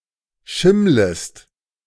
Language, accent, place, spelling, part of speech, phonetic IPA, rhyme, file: German, Germany, Berlin, schimmlest, verb, [ˈʃɪmləst], -ɪmləst, De-schimmlest.ogg
- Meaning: second-person singular subjunctive I of schimmeln